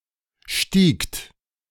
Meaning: second-person plural preterite of steigen
- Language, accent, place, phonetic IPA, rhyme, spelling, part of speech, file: German, Germany, Berlin, [ʃtiːkt], -iːkt, stiegt, verb, De-stiegt.ogg